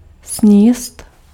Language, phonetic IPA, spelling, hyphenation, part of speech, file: Czech, [ˈsɲiːst], sníst, sníst, verb, Cs-sníst.ogg
- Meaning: to eat